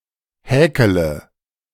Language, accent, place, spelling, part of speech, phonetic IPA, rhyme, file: German, Germany, Berlin, häkele, verb, [ˈhɛːkələ], -ɛːkələ, De-häkele.ogg
- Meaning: inflection of häkeln: 1. first-person singular present 2. singular imperative 3. first/third-person singular subjunctive I